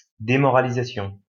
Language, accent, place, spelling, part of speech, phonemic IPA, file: French, France, Lyon, démoralisation, noun, /de.mɔ.ʁa.li.za.sjɔ̃/, LL-Q150 (fra)-démoralisation.wav
- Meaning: demoralization